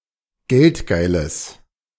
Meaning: strong/mixed nominative/accusative neuter singular of geldgeil
- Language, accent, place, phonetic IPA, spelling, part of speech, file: German, Germany, Berlin, [ˈɡɛltˌɡaɪ̯ləs], geldgeiles, adjective, De-geldgeiles.ogg